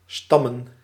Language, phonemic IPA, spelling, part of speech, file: Dutch, /ˈstɑmə(n)/, stammen, verb / noun, Nl-stammen.ogg
- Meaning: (verb) 1. to descend 2. to derive; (noun) plural of stam